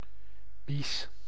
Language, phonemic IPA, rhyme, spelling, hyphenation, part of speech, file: Dutch, /bis/, -is, bies, bies, noun, Nl-bies.ogg
- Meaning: 1. a bulrush, club-rush; any of various plants from the genera Scirpus, Schoenoplectus or Bolboschoenus, particularly Schoenoplectus 2. piping (on a seam)